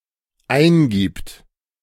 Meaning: third-person singular dependent present of eingeben
- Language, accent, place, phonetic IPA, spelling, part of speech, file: German, Germany, Berlin, [ˈaɪ̯nˌɡiːpt], eingibt, verb, De-eingibt.ogg